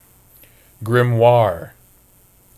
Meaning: A book of instructions in the use of alchemy or magic, especially one containing spells for summoning demons
- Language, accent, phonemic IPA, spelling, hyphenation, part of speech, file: English, General American, /ˈɡɹɪmˌwɑːɹ/, grimoire, gri‧moire, noun, En-us-grimoire.oga